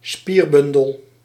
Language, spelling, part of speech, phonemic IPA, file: Dutch, spierbundel, noun, /ˈspirbʏndəl/, Nl-spierbundel.ogg
- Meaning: 1. a bundle of skeletal muscle fibers; a muscle fascicle 2. a very muscular person; a beefcake